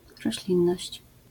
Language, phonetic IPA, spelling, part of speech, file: Polish, [rɔɕˈlʲĩnːɔɕt͡ɕ], roślinność, noun, LL-Q809 (pol)-roślinność.wav